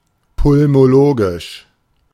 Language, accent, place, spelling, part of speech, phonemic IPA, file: German, Germany, Berlin, pulmologisch, adjective, /pʊlmoˈloːɡɪʃ/, De-pulmologisch.ogg
- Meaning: pulmonological